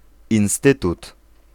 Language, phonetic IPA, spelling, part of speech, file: Polish, [ĩw̃ˈstɨtut], instytut, noun, Pl-instytut.ogg